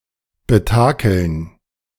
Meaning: 1. to rig 2. to cheat, deceive
- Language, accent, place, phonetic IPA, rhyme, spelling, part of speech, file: German, Germany, Berlin, [bəˈtaːkl̩n], -aːkl̩n, betakeln, verb, De-betakeln.ogg